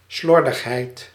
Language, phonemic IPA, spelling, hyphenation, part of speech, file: Dutch, /ˈslɔr.dəxˌɦɛi̯t/, slordigheid, slor‧dig‧heid, noun, Nl-slordigheid.ogg
- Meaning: sloppiness